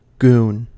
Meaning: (noun) 1. A thug; a usually muscular henchman with little intelligence 2. A hired and paid person who is assigned to terrorize and kill opponents
- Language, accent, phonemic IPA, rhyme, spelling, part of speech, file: English, US, /ˈɡuːn/, -uːn, goon, noun / verb, En-us-goon.ogg